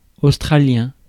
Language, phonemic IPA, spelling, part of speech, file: French, /os.tʁa.ljɛ̃/, australien, adjective, Fr-australien.ogg
- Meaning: of Australia; Australian